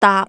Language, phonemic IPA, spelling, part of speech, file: Cantonese, /taːp˧/, daap3, romanization, Yue-daap3.ogg
- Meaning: Jyutping transcription of 耷